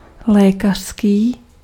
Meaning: medical
- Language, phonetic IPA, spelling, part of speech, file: Czech, [ˈlɛːkar̝̊skiː], lékařský, adjective, Cs-lékařský.ogg